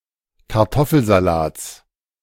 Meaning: genitive singular of Kartoffelsalat
- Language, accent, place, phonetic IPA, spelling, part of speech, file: German, Germany, Berlin, [kaʁˈtɔfl̩zaˌlaːt͡s], Kartoffelsalats, noun, De-Kartoffelsalats.ogg